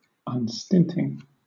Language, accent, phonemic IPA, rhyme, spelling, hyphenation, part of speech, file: English, Southern England, /(ˌ)ʌnˈstɪntɪŋ/, -ɪntɪŋ, unstinting, un‧stint‧ing, adjective, LL-Q1860 (eng)-unstinting.wav
- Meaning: Generous and tireless with one's contributions of money, time, etc